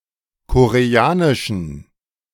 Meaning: inflection of koreanisch: 1. strong genitive masculine/neuter singular 2. weak/mixed genitive/dative all-gender singular 3. strong/weak/mixed accusative masculine singular 4. strong dative plural
- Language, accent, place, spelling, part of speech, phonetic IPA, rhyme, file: German, Germany, Berlin, koreanischen, adjective, [koʁeˈaːnɪʃn̩], -aːnɪʃn̩, De-koreanischen.ogg